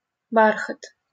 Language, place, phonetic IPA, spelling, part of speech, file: Russian, Saint Petersburg, [ˈbarxət], бархат, noun, LL-Q7737 (rus)-бархат.wav
- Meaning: velvet